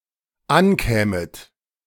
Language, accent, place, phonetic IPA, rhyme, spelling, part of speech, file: German, Germany, Berlin, [ˈanˌkɛːmət], -ankɛːmət, ankämet, verb, De-ankämet.ogg
- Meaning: second-person plural dependent subjunctive II of ankommen